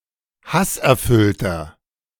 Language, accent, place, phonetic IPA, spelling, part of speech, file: German, Germany, Berlin, [ˈhasʔɛɐ̯ˌfʏltɐ], hasserfüllter, adjective, De-hasserfüllter.ogg
- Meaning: 1. comparative degree of hasserfüllt 2. inflection of hasserfüllt: strong/mixed nominative masculine singular 3. inflection of hasserfüllt: strong genitive/dative feminine singular